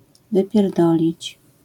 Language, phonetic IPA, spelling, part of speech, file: Polish, [ˌvɨpʲjɛrˈdɔlʲit͡ɕ], wypierdolić, verb, LL-Q809 (pol)-wypierdolić.wav